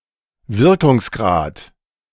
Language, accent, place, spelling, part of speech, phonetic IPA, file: German, Germany, Berlin, Wirkungsgrad, noun, [ˈvɪʁkʊŋsˌɡʁaːt], De-Wirkungsgrad.ogg
- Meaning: 1. effectiveness, efficiency 2. coefficient